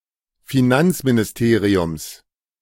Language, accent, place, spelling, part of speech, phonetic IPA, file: German, Germany, Berlin, Finanzministeriums, noun, [fiˈnant͡sminɪsˌteːʁiʊms], De-Finanzministeriums.ogg
- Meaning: genitive singular of Finanzministerium